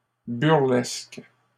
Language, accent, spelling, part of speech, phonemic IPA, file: French, Canada, burlesques, noun, /byʁ.lɛsk/, LL-Q150 (fra)-burlesques.wav
- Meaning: plural of burlesque